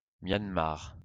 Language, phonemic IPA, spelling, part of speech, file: French, /mjan.maʁ/, Myanmar, proper noun, LL-Q150 (fra)-Myanmar.wav
- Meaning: Myanmar (a country in Southeast Asia)